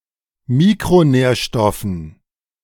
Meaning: dative plural of Mikronährstoff
- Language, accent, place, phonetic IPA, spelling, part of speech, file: German, Germany, Berlin, [ˈmiːkʁoˌnɛːɐ̯ʃtɔfn̩], Mikronährstoffen, noun, De-Mikronährstoffen.ogg